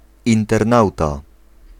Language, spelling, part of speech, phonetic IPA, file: Polish, internauta, noun, [ˌĩntɛrˈnawta], Pl-internauta.ogg